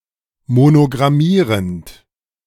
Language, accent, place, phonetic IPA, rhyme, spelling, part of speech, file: German, Germany, Berlin, [monoɡʁaˈmiːʁənt], -iːʁənt, monogrammierend, verb, De-monogrammierend.ogg
- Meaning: present participle of monogrammieren